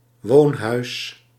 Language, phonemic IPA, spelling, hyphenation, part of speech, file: Dutch, /ˈʋoːn.ɦœy̯s/, woonhuis, woon‧huis, noun, Nl-woonhuis.ogg
- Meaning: residential building, house